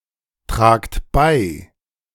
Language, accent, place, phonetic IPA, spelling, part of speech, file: German, Germany, Berlin, [ˌtʁaːkt ˈbaɪ̯], tragt bei, verb, De-tragt bei.ogg
- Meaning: inflection of beitragen: 1. second-person plural present 2. plural imperative